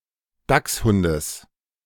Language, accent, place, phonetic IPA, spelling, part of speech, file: German, Germany, Berlin, [ˈdaksˌhʊndəs], Dachshundes, noun, De-Dachshundes.ogg
- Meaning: genitive singular of Dachshund